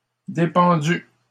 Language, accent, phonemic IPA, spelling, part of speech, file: French, Canada, /de.pɑ̃.dy/, dépendus, verb, LL-Q150 (fra)-dépendus.wav
- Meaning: masculine plural of dépendu